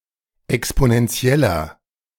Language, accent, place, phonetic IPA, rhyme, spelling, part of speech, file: German, Germany, Berlin, [ɛksponɛnˈt͡si̯ɛlɐ], -ɛlɐ, exponentieller, adjective, De-exponentieller.ogg
- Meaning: inflection of exponentiell: 1. strong/mixed nominative masculine singular 2. strong genitive/dative feminine singular 3. strong genitive plural